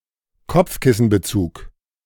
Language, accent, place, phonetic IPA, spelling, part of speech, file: German, Germany, Berlin, [ˈkɔp͡fkɪsn̩bəˌt͡suːk], Kopfkissenbezug, noun, De-Kopfkissenbezug.ogg
- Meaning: pillowcase